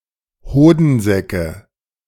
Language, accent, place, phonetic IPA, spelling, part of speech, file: German, Germany, Berlin, [ˈhoːdn̩ˌzɛkə], Hodensäcke, noun, De-Hodensäcke.ogg
- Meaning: nominative/accusative/genitive plural of Hodensack